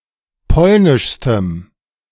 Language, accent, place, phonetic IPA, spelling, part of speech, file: German, Germany, Berlin, [ˈpɔlnɪʃstəm], polnischstem, adjective, De-polnischstem.ogg
- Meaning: strong dative masculine/neuter singular superlative degree of polnisch